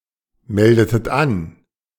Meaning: inflection of anmelden: 1. second-person plural preterite 2. second-person plural subjunctive II
- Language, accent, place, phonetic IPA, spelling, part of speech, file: German, Germany, Berlin, [ˌmɛldətət ˈan], meldetet an, verb, De-meldetet an.ogg